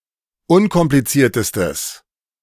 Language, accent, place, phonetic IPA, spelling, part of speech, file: German, Germany, Berlin, [ˈʊnkɔmplit͡siːɐ̯təstəs], unkompliziertestes, adjective, De-unkompliziertestes.ogg
- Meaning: strong/mixed nominative/accusative neuter singular superlative degree of unkompliziert